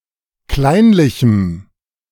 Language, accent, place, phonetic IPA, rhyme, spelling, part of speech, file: German, Germany, Berlin, [ˈklaɪ̯nlɪçm̩], -aɪ̯nlɪçm̩, kleinlichem, adjective, De-kleinlichem.ogg
- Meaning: strong dative masculine/neuter singular of kleinlich